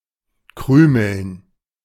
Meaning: to crumble
- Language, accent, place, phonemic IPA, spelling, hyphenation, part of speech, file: German, Germany, Berlin, /ˈkʁyːml̩n/, krümeln, krü‧meln, verb, De-krümeln.ogg